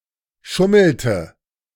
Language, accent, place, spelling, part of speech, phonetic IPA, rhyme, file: German, Germany, Berlin, schummelte, verb, [ˈʃʊml̩tə], -ʊml̩tə, De-schummelte.ogg
- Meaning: inflection of schummeln: 1. first/third-person singular preterite 2. first/third-person singular subjunctive II